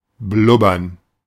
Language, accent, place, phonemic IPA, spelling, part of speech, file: German, Germany, Berlin, /ˈblʊbɐn/, blubbern, verb, De-blubbern.ogg
- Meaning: 1. to bubble (to rise up in bubbles) 2. to blab; blabber